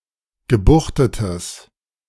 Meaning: strong/mixed nominative/accusative neuter singular of gebuchtet
- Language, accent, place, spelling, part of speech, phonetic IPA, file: German, Germany, Berlin, gebuchtetes, adjective, [ɡəˈbuxtətəs], De-gebuchtetes.ogg